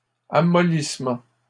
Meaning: softening
- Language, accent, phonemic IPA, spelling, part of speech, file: French, Canada, /a.mɔ.lis.mɑ̃/, amollissement, noun, LL-Q150 (fra)-amollissement.wav